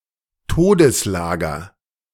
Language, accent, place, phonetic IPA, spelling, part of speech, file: German, Germany, Berlin, [ˈtoːdəsˌlaːɡɐ], Todeslager, noun, De-Todeslager.ogg
- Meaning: death camp